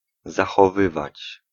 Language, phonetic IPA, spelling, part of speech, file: Polish, [ˌzaxɔˈvɨvat͡ɕ], zachowywać, verb, Pl-zachowywać.ogg